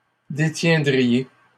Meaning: second-person plural conditional of détenir
- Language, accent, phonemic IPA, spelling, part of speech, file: French, Canada, /de.tjɛ̃.dʁi.je/, détiendriez, verb, LL-Q150 (fra)-détiendriez.wav